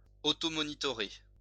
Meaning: to monitor
- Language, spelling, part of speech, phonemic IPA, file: French, monitorer, verb, /mɔ.ni.tɔ.ʁe/, LL-Q150 (fra)-monitorer.wav